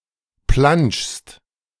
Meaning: second-person singular present of planschen
- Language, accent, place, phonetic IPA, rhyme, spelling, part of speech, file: German, Germany, Berlin, [planʃst], -anʃst, planschst, verb, De-planschst.ogg